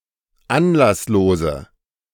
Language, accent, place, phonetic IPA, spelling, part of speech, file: German, Germany, Berlin, [ˈanlasˌloːzə], anlasslose, adjective, De-anlasslose.ogg
- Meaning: inflection of anlasslos: 1. strong/mixed nominative/accusative feminine singular 2. strong nominative/accusative plural 3. weak nominative all-gender singular